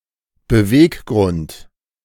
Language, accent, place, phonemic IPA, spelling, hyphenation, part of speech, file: German, Germany, Berlin, /bəˈveːkˌɡʁʊnt/, Beweggrund, Be‧weg‧grund, noun, De-Beweggrund.ogg
- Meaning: motive